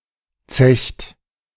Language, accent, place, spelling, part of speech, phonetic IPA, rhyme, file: German, Germany, Berlin, zecht, verb, [t͡sɛçt], -ɛçt, De-zecht.ogg
- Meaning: inflection of zechen: 1. second-person plural present 2. third-person singular present 3. plural imperative